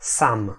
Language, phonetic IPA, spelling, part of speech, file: Polish, [sãm], sam, pronoun / noun, Pl-sam.ogg